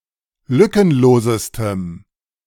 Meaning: strong dative masculine/neuter singular superlative degree of lückenlos
- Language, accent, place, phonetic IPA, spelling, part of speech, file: German, Germany, Berlin, [ˈlʏkənˌloːzəstəm], lückenlosestem, adjective, De-lückenlosestem.ogg